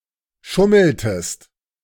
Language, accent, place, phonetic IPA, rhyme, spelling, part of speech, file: German, Germany, Berlin, [ˈʃʊml̩təst], -ʊml̩təst, schummeltest, verb, De-schummeltest.ogg
- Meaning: inflection of schummeln: 1. second-person singular preterite 2. second-person singular subjunctive II